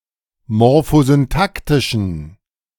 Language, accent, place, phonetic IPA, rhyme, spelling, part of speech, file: German, Germany, Berlin, [mɔʁfozynˈtaktɪʃn̩], -aktɪʃn̩, morphosyntaktischen, adjective, De-morphosyntaktischen.ogg
- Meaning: inflection of morphosyntaktisch: 1. strong genitive masculine/neuter singular 2. weak/mixed genitive/dative all-gender singular 3. strong/weak/mixed accusative masculine singular